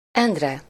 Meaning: a male given name, equivalent to English Andrew
- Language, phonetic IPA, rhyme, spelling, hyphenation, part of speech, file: Hungarian, [ˈɛndrɛ], -rɛ, Endre, End‧re, proper noun, Hu-Endre.ogg